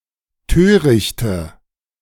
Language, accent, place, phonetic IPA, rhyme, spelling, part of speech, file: German, Germany, Berlin, [ˈtøːʁɪçtə], -øːʁɪçtə, törichte, adjective, De-törichte.ogg
- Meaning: inflection of töricht: 1. strong/mixed nominative/accusative feminine singular 2. strong nominative/accusative plural 3. weak nominative all-gender singular 4. weak accusative feminine/neuter singular